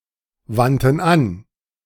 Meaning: first/third-person plural preterite of anwenden
- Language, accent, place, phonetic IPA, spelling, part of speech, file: German, Germany, Berlin, [ˌvantn̩ ˈan], wandten an, verb, De-wandten an.ogg